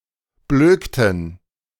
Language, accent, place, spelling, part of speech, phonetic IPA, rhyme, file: German, Germany, Berlin, blökten, verb, [ˈbløːktn̩], -øːktn̩, De-blökten.ogg
- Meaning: inflection of blöken: 1. first/third-person plural preterite 2. first/third-person plural subjunctive II